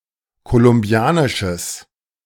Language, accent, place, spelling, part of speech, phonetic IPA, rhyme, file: German, Germany, Berlin, kolumbianisches, adjective, [kolʊmˈbi̯aːnɪʃəs], -aːnɪʃəs, De-kolumbianisches.ogg
- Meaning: strong/mixed nominative/accusative neuter singular of kolumbianisch